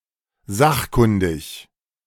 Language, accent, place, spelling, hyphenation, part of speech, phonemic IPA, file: German, Germany, Berlin, sachkundig, sach‧kun‧dig, adjective, /ˈzaxˌkʊndɪç/, De-sachkundig.ogg
- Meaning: knowledgeable, proficient, expert